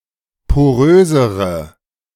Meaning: inflection of porös: 1. strong/mixed nominative/accusative feminine singular comparative degree 2. strong nominative/accusative plural comparative degree
- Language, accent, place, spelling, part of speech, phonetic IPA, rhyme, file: German, Germany, Berlin, porösere, adjective, [poˈʁøːzəʁə], -øːzəʁə, De-porösere.ogg